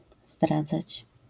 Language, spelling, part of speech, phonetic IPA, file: Polish, zdradzać, verb, [ˈzdrad͡zat͡ɕ], LL-Q809 (pol)-zdradzać.wav